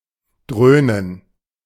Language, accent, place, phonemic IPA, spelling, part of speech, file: German, Germany, Berlin, /ˈdʁøːnən/, dröhnen, verb, De-dröhnen.ogg
- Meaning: to boom; to thud; to roar (make a loud, dull sound; such as that of a military aircraft)